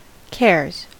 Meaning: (verb) third-person singular simple present indicative of care; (noun) plural of care
- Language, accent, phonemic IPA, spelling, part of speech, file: English, US, /kɛɹz/, cares, verb / noun, En-us-cares.ogg